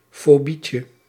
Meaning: diminutive of fobie
- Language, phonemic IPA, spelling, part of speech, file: Dutch, /foˈbicə/, fobietje, noun, Nl-fobietje.ogg